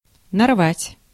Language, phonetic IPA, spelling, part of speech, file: Russian, [nɐrˈvatʲ], нарвать, verb, Ru-нарвать.ogg
- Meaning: 1. to gather, to come to a head 2. to pick (a quantity of) 3. to tear (a quantity of)